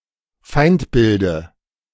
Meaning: dative singular of Feindbild
- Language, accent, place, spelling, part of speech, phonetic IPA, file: German, Germany, Berlin, Feindbilde, noun, [ˈfaɪ̯ntˌbɪldə], De-Feindbilde.ogg